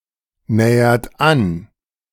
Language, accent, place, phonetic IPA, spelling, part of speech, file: German, Germany, Berlin, [ˌnɛːɐt ˈan], nähert an, verb, De-nähert an.ogg
- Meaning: inflection of annähern: 1. third-person singular present 2. second-person plural present 3. plural imperative